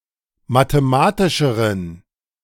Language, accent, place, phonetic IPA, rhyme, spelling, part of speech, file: German, Germany, Berlin, [mateˈmaːtɪʃəʁən], -aːtɪʃəʁən, mathematischeren, adjective, De-mathematischeren.ogg
- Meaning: inflection of mathematisch: 1. strong genitive masculine/neuter singular comparative degree 2. weak/mixed genitive/dative all-gender singular comparative degree